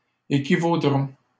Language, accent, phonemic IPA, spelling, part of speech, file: French, Canada, /e.ki.vo.dʁɔ̃/, équivaudrons, verb, LL-Q150 (fra)-équivaudrons.wav
- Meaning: first-person plural simple future of équivaloir